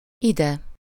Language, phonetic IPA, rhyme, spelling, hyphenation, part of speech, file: Hungarian, [ˈidɛ], -dɛ, ide, ide, adverb, Hu-ide.ogg
- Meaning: here, hither, this way